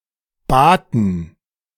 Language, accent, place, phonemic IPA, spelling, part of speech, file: German, Germany, Berlin, /baːtən/, baten, verb, De-baten.ogg
- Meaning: first/third-person plural preterite of bitten